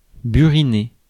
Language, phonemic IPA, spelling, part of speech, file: French, /by.ʁi.ne/, buriner, verb, Fr-buriner.ogg
- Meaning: to chisel